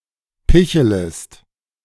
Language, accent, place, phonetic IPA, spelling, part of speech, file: German, Germany, Berlin, [ˈpɪçələst], pichelest, verb, De-pichelest.ogg
- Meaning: second-person singular subjunctive I of picheln